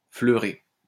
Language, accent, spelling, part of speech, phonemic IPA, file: French, France, fleurer, verb, /flœ.ʁe/, LL-Q150 (fra)-fleurer.wav
- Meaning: 1. to give off (an odor) 2. to waft 3. to smell, catch a waft of 4. to sprinkle